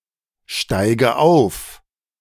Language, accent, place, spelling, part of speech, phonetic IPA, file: German, Germany, Berlin, steige auf, verb, [ˌʃtaɪ̯ɡə ˈaʊ̯f], De-steige auf.ogg
- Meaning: inflection of aufsteigen: 1. first-person singular present 2. first/third-person singular subjunctive I 3. singular imperative